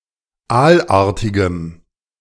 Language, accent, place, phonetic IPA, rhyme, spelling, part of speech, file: German, Germany, Berlin, [ˈaːlˌʔaːɐ̯tɪɡəm], -aːlʔaːɐ̯tɪɡəm, aalartigem, adjective, De-aalartigem.ogg
- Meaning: strong dative masculine/neuter singular of aalartig